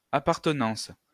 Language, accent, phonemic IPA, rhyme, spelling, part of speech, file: French, France, /a.paʁ.tə.nɑ̃s/, -ɑ̃s, appartenance, noun, LL-Q150 (fra)-appartenance.wav
- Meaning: 1. belonging 2. membership 3. aseity